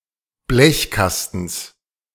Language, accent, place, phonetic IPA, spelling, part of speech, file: German, Germany, Berlin, [ˈblɛçˌkastn̩s], Blechkastens, noun, De-Blechkastens.ogg
- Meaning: genitive singular of Blechkasten